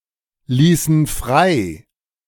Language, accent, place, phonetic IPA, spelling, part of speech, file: German, Germany, Berlin, [ˌliːsn̩ ˈfʁaɪ̯], ließen frei, verb, De-ließen frei.ogg
- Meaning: inflection of freilassen: 1. first/third-person plural preterite 2. first/third-person plural subjunctive II